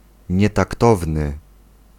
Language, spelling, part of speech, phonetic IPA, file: Polish, nietaktowny, adjective, [ˌɲɛtakˈtɔvnɨ], Pl-nietaktowny.ogg